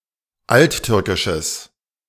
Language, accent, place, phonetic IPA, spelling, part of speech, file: German, Germany, Berlin, [ˈaltˌtʏʁkɪʃəs], alttürkisches, adjective, De-alttürkisches.ogg
- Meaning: strong/mixed nominative/accusative neuter singular of alttürkisch